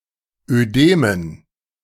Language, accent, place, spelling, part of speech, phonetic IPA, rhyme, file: German, Germany, Berlin, Ödemen, noun, [øˈdeːmən], -eːmən, De-Ödemen.ogg
- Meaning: dative plural of Ödem